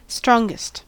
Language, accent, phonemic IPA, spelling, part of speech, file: English, US, /ˈstɹɔŋɡəst/, strongest, adjective, En-us-strongest.ogg
- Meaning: superlative form of strong: most strong